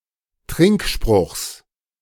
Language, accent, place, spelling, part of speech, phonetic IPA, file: German, Germany, Berlin, Trinkspruchs, noun, [ˈtʁɪŋkˌʃpʁʊxs], De-Trinkspruchs.ogg
- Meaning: genitive of Trinkspruch